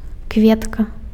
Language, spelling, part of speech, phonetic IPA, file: Belarusian, кветка, noun, [ˈkvʲetka], Be-кветка.ogg
- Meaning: flower